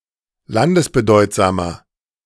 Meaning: inflection of landesbedeutsam: 1. strong/mixed nominative masculine singular 2. strong genitive/dative feminine singular 3. strong genitive plural
- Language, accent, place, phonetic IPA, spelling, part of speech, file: German, Germany, Berlin, [ˈlandəsbəˌdɔɪ̯tzaːmɐ], landesbedeutsamer, adjective, De-landesbedeutsamer.ogg